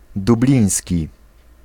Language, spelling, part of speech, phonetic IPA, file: Polish, dubliński, adjective, [duˈblʲĩj̃sʲci], Pl-dubliński.ogg